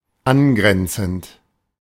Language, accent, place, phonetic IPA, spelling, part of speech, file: German, Germany, Berlin, [ˈanˌɡʁɛnt͡sn̩t], angrenzend, adjective / verb, De-angrenzend.ogg
- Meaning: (verb) present participle of angrenzen; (adjective) 1. adjacent, bordering, adjoining 2. neighbouring 3. contiguous